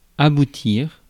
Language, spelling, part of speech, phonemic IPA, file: French, aboutir, verb, /a.bu.tiʁ/, Fr-aboutir.ogg
- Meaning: 1. to lead to, to end up in, to reach 2. to lead to, to have the consequence of 3. to reach a conclusion, to succeed 4. to touch by one end